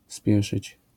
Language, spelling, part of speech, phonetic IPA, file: Polish, spieszyć, verb, [ˈspʲjɛʃɨt͡ɕ], LL-Q809 (pol)-spieszyć.wav